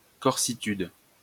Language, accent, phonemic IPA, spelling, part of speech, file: French, France, /kɔʁ.si.tyd/, corsitude, noun, LL-Q150 (fra)-corsitude.wav
- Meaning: Corsicanness